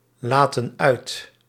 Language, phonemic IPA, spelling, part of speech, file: Dutch, /ˈlatə(n) ˈœyt/, laten uit, verb, Nl-laten uit.ogg
- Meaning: inflection of uitlaten: 1. plural present indicative 2. plural present subjunctive